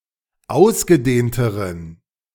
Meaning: inflection of ausgedehnt: 1. strong genitive masculine/neuter singular comparative degree 2. weak/mixed genitive/dative all-gender singular comparative degree
- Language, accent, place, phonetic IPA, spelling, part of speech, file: German, Germany, Berlin, [ˈaʊ̯sɡəˌdeːntəʁən], ausgedehnteren, adjective, De-ausgedehnteren.ogg